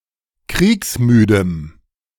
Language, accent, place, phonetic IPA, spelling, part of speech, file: German, Germany, Berlin, [ˈkʁiːksˌmyːdəm], kriegsmüdem, adjective, De-kriegsmüdem.ogg
- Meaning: strong dative masculine/neuter singular of kriegsmüde